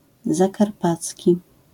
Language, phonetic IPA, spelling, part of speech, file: Polish, [zaˈkarˈpat͡sʲci], zakarpacki, adjective, LL-Q809 (pol)-zakarpacki.wav